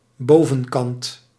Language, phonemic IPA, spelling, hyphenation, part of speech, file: Dutch, /ˈboː.və(n)ˌkɑnt/, bovenkant, bo‧ven‧kant, noun, Nl-bovenkant.ogg
- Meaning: top (upper side)